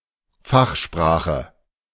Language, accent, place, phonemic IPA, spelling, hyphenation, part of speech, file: German, Germany, Berlin, /ˈfaxˌʃpʁaːxə/, Fachsprache, Fach‧spra‧che, noun, De-Fachsprache.ogg
- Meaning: jargon, technical language, terminology